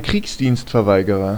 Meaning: conscientious objector, conshie (male or of unspecified gender)
- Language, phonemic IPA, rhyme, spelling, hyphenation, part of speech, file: German, /ˈkʁiːksdiːnstfɛɐ̯ˌvaɪ̯ɡəʁɐ/, -aɪ̯ɡəʁɐ, Kriegsdienstverweigerer, Kriegs‧dienst‧ver‧wei‧ge‧rer, noun, De-Kriegsdienstverweigerer.ogg